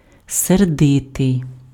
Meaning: angry
- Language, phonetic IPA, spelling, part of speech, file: Ukrainian, [serˈdɪtei̯], сердитий, adjective, Uk-сердитий.ogg